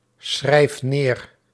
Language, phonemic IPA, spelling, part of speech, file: Dutch, /ˈsxrɛif ˈner/, schrijf neer, verb, Nl-schrijf neer.ogg
- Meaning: inflection of neerschrijven: 1. first-person singular present indicative 2. second-person singular present indicative 3. imperative